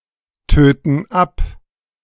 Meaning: inflection of abtöten: 1. first/third-person plural present 2. first/third-person plural subjunctive I
- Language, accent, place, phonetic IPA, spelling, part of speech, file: German, Germany, Berlin, [ˌtøːtn̩ ˈap], töten ab, verb, De-töten ab.ogg